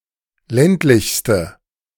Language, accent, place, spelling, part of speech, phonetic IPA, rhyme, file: German, Germany, Berlin, ländlichste, adjective, [ˈlɛntlɪçstə], -ɛntlɪçstə, De-ländlichste.ogg
- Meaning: inflection of ländlich: 1. strong/mixed nominative/accusative feminine singular superlative degree 2. strong nominative/accusative plural superlative degree